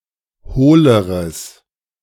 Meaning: strong/mixed nominative/accusative neuter singular comparative degree of hohl
- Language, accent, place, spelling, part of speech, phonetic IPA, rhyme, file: German, Germany, Berlin, hohleres, adjective, [ˈhoːləʁəs], -oːləʁəs, De-hohleres.ogg